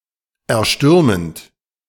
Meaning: present participle of erstürmen
- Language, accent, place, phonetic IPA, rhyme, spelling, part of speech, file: German, Germany, Berlin, [ɛɐ̯ˈʃtʏʁmənt], -ʏʁmənt, erstürmend, verb, De-erstürmend.ogg